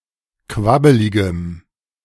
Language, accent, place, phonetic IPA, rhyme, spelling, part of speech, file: German, Germany, Berlin, [ˈkvabəlɪɡəm], -abəlɪɡəm, quabbeligem, adjective, De-quabbeligem.ogg
- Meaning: strong dative masculine/neuter singular of quabbelig